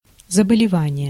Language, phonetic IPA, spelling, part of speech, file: Russian, [zəbəlʲɪˈvanʲɪje], заболевание, noun, Ru-заболевание.ogg
- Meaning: disease, sickness, illness